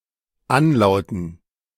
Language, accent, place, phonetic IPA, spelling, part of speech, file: German, Germany, Berlin, [ˈanˌlaʊ̯tn̩], Anlauten, noun, De-Anlauten.ogg
- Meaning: dative plural of Anlaut